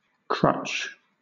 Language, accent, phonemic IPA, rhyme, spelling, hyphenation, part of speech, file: English, Southern England, /ˈkɹʌt͡ʃ/, -ʌtʃ, crutch, crutch, noun / verb, LL-Q1860 (eng)-crutch.wav
- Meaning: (noun) A device to assist in motion as a cane, especially one that provides support under the arm to reduce weight on a leg